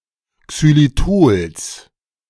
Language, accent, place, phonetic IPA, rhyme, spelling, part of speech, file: German, Germany, Berlin, [ksyliˈtoːls], -oːls, Xylitols, noun, De-Xylitols.ogg
- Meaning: genitive singular of Xylitol